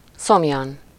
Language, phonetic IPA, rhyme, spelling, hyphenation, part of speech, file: Hungarian, [ˈsomjɒn], -ɒn, szomjan, szom‧jan, adverb, Hu-szomjan.ogg
- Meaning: of thirst, with thirst